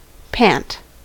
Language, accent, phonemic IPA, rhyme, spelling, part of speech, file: English, US, /pænt/, -ænt, pant, noun / verb, En-us-pant.ogg
- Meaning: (noun) 1. A quick breathing; a catching of the breath; a gasp: the panting of animals such as a dog with their tong hung out- as a form of thermoregulation 2. Eager longing